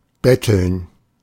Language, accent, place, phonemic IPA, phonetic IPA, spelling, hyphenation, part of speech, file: German, Germany, Berlin, /ˈbɛtəln/, [ˈbɛtl̩n], betteln, bet‧teln, verb, De-betteln.ogg
- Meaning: to beg (alms), to panhandle